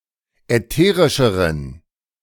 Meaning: inflection of ätherisch: 1. strong genitive masculine/neuter singular comparative degree 2. weak/mixed genitive/dative all-gender singular comparative degree
- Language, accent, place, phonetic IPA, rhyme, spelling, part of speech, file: German, Germany, Berlin, [ɛˈteːʁɪʃəʁən], -eːʁɪʃəʁən, ätherischeren, adjective, De-ätherischeren.ogg